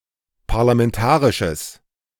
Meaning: strong/mixed nominative/accusative neuter singular of parlamentarisch
- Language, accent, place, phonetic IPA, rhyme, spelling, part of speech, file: German, Germany, Berlin, [paʁlamɛnˈtaːʁɪʃəs], -aːʁɪʃəs, parlamentarisches, adjective, De-parlamentarisches.ogg